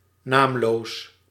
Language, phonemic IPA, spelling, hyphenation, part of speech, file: Dutch, /ˈnaːm.loːs/, naamloos, naam‧loos, adjective, Nl-naamloos.ogg
- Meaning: nameless, anonymous